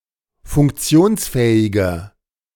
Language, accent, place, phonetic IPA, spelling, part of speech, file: German, Germany, Berlin, [fʊŋkˈt͡si̯oːnsˌfɛːɪɡɐ], funktionsfähiger, adjective, De-funktionsfähiger.ogg
- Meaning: 1. comparative degree of funktionsfähig 2. inflection of funktionsfähig: strong/mixed nominative masculine singular 3. inflection of funktionsfähig: strong genitive/dative feminine singular